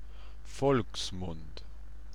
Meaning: popular language, vernacular
- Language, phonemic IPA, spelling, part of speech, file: German, /ˈfɔlksˌmʊnt/, Volksmund, noun, De-Volksmund.ogg